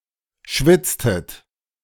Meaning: inflection of schwitzen: 1. second-person plural preterite 2. second-person plural subjunctive II
- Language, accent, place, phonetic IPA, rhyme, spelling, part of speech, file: German, Germany, Berlin, [ˈʃvɪt͡stət], -ɪt͡stət, schwitztet, verb, De-schwitztet.ogg